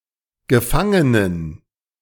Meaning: inflection of Gefangener: 1. strong genitive/accusative singular 2. strong dative plural 3. weak/mixed genitive/dative/accusative singular 4. weak/mixed all-case plural
- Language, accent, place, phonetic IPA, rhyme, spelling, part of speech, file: German, Germany, Berlin, [ɡəˈfaŋənən], -aŋənən, Gefangenen, noun, De-Gefangenen.ogg